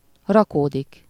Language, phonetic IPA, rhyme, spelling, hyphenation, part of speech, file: Hungarian, [ˈrɒkoːdik], -oːdik, rakódik, ra‧kó‧dik, verb, Hu-rakódik.ogg
- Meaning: to be deposited, settle on, to, or into something (with lative suffixes)